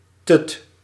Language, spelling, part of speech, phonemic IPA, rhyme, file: Dutch, tut, noun, /tʏt/, -ʏt, Nl-tut.ogg
- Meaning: 1. an unlikable or silly woman or girl 2. a dummy; a pacifier